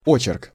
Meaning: sketch, essay, feature story
- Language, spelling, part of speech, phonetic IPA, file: Russian, очерк, noun, [ˈot͡ɕɪrk], Ru-очерк.ogg